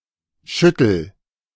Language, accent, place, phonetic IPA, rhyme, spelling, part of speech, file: German, Germany, Berlin, [ˈʃʏtl̩], -ʏtl̩, schüttel, verb, De-schüttel.ogg
- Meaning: inflection of schütteln: 1. first-person singular present 2. singular imperative